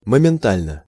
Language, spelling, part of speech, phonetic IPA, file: Russian, моментально, adverb / adjective, [məmʲɪnˈtalʲnə], Ru-моментально.ogg
- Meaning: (adverb) instantly, promptly, momentarily; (adjective) short neuter singular of момента́льный (momentálʹnyj)